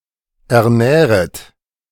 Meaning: second-person plural subjunctive I of ernähren
- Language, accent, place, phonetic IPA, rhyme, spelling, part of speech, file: German, Germany, Berlin, [ɛɐ̯ˈnɛːʁət], -ɛːʁət, ernähret, verb, De-ernähret.ogg